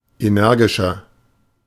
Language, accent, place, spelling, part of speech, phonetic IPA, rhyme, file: German, Germany, Berlin, energischer, adjective, [eˈnɛʁɡɪʃɐ], -ɛʁɡɪʃɐ, De-energischer.ogg
- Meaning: 1. comparative degree of energisch 2. inflection of energisch: strong/mixed nominative masculine singular 3. inflection of energisch: strong genitive/dative feminine singular